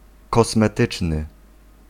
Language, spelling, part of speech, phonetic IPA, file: Polish, kosmetyczny, adjective, [ˌkɔsmɛˈtɨt͡ʃnɨ], Pl-kosmetyczny.ogg